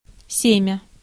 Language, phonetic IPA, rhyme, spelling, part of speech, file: Russian, [ˈsʲemʲə], -emʲə, семя, noun, Ru-семя.ogg
- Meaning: 1. seed (also figurative) 2. semen